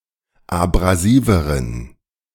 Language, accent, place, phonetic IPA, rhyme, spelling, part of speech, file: German, Germany, Berlin, [abʁaˈziːvəʁən], -iːvəʁən, abrasiveren, adjective, De-abrasiveren.ogg
- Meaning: inflection of abrasiv: 1. strong genitive masculine/neuter singular comparative degree 2. weak/mixed genitive/dative all-gender singular comparative degree